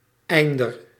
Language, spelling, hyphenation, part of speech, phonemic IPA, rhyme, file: Dutch, einder, ein‧der, noun, /ˈɛi̯n.dər/, -ɛi̯ndər, Nl-einder.ogg
- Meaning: horizon